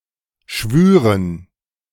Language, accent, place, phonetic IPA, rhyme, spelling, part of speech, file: German, Germany, Berlin, [ˈʃvyːʁən], -yːʁən, schwüren, verb, De-schwüren.ogg
- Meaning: first-person plural subjunctive II of schwören